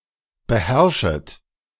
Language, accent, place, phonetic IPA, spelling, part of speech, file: German, Germany, Berlin, [bəˈhɛʁʃət], beherrschet, verb, De-beherrschet.ogg
- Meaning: second-person plural subjunctive I of beherrschen